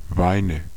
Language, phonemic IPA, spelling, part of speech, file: German, /ˈvaɪ̯nə/, Weine, noun, De-Weine.ogg
- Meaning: nominative/accusative/genitive plural of Wein